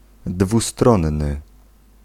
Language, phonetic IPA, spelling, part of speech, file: Polish, [dvuˈstrɔ̃nːɨ], dwustronny, adjective, Pl-dwustronny.ogg